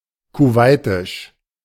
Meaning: of Kuwait; Kuwaiti
- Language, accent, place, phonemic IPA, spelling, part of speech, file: German, Germany, Berlin, /kuˈvaɪ̯tɪʃ/, kuwaitisch, adjective, De-kuwaitisch.ogg